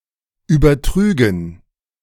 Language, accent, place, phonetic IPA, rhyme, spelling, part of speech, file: German, Germany, Berlin, [ˌyːbɐˈtʁyːɡn̩], -yːɡn̩, übertrügen, verb, De-übertrügen.ogg
- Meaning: first/third-person plural subjunctive II of übertragen